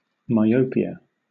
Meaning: A disorder of the vision where distant objects appear blurred because the eye focuses their images in front of the retina instead of on it
- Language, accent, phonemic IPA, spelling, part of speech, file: English, Southern England, /maɪˈəʊ.pɪ.ə/, myopia, noun, LL-Q1860 (eng)-myopia.wav